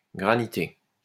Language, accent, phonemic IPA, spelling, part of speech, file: French, France, /ɡʁa.ni.te/, granité, verb / noun, LL-Q150 (fra)-granité.wav
- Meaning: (verb) past participle of graniter; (noun) granita (sorbet)